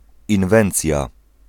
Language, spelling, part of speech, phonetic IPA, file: Polish, inwencja, noun, [ĩnˈvɛ̃nt͡sʲja], Pl-inwencja.ogg